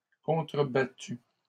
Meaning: feminine singular of contrebattu
- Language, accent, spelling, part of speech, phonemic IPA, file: French, Canada, contrebattue, verb, /kɔ̃.tʁə.ba.ty/, LL-Q150 (fra)-contrebattue.wav